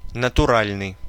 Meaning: 1. natural, real 2. organic
- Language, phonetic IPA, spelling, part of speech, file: Russian, [nətʊˈralʲnɨj], натуральный, adjective, Ru-натуральный.ogg